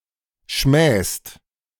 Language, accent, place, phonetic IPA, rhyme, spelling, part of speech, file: German, Germany, Berlin, [ʃmɛːst], -ɛːst, schmähst, verb, De-schmähst.ogg
- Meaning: second-person singular present of schmähen